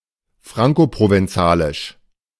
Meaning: Franco-Provençal (language)
- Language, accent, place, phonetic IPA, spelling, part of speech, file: German, Germany, Berlin, [ˈfʁaŋkopʁovɛnˌt͡saːlɪʃ], Frankoprovenzalisch, noun, De-Frankoprovenzalisch.ogg